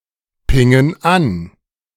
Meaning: inflection of anpingen: 1. first/third-person plural present 2. first/third-person plural subjunctive I
- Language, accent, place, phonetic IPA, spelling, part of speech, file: German, Germany, Berlin, [ˌpɪŋən ˈan], pingen an, verb, De-pingen an.ogg